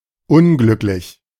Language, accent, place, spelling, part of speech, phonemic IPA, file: German, Germany, Berlin, unglücklich, adjective / adverb, /ˈʊnˌɡlʏklɪç/, De-unglücklich.ogg
- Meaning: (adjective) 1. unhappy, unjoyous, unjoyful, misfortunate, miserable 2. unfortunate, unlucky, inauspicious, unauspicious, untoward, hapless